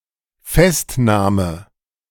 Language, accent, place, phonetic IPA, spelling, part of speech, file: German, Germany, Berlin, [ˈfɛstˌnaːmə], Festnahme, noun, De-Festnahme.ogg
- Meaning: arrest